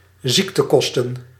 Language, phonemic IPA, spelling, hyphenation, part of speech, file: Dutch, /ˈzik.təˌkɔs.tə(n)/, ziektekosten, ziek‧te‧kos‧ten, noun, Nl-ziektekosten.ogg
- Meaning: healthcare costs